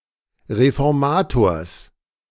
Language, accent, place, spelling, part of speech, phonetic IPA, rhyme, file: German, Germany, Berlin, Reformators, noun, [ʁefɔʁˈmaːtoːɐ̯s], -aːtoːɐ̯s, De-Reformators.ogg
- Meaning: genitive singular of Reformator